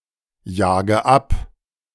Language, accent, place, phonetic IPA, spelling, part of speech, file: German, Germany, Berlin, [ˌjaːɡə ˈap], jage ab, verb, De-jage ab.ogg
- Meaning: inflection of abjagen: 1. first-person singular present 2. first/third-person singular subjunctive I 3. singular imperative